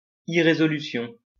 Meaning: irresoluteness, irresolution; indecision, wavering
- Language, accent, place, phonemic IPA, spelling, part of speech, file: French, France, Lyon, /i.ʁe.zɔ.ly.sjɔ̃/, irrésolution, noun, LL-Q150 (fra)-irrésolution.wav